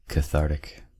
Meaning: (adjective) 1. Purgative; inducing mental or physical catharsis 2. That which releases emotional tension, especially after an overwhelming experience; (noun) A laxative
- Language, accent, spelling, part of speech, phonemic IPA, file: English, US, cathartic, adjective / noun, /kəˈθɑɹtɪk/, En-us-cathartic.ogg